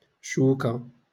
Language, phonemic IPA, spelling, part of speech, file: Moroccan Arabic, /ʃuː.ka/, شوكة, noun, LL-Q56426 (ary)-شوكة.wav
- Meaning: 1. singulative of شوك (šūk): thorn, sting, prickle; fishbone 2. syringe 3. fork